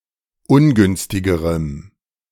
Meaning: strong dative masculine/neuter singular comparative degree of ungünstig
- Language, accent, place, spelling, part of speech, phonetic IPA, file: German, Germany, Berlin, ungünstigerem, adjective, [ˈʊnˌɡʏnstɪɡəʁəm], De-ungünstigerem.ogg